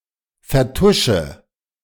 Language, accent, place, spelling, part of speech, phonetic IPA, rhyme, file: German, Germany, Berlin, vertusche, verb, [fɛɐ̯ˈtʊʃə], -ʊʃə, De-vertusche.ogg
- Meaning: inflection of vertuschen: 1. first-person singular present 2. first/third-person singular subjunctive I 3. singular imperative